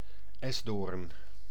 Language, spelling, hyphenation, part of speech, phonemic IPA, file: Dutch, esdoorn, es‧doorn, noun, /ˈɛs.doːrn/, Nl-esdoorn.ogg
- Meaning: 1. A maple; a tree of the genus Acer 2. The wood of a maple tree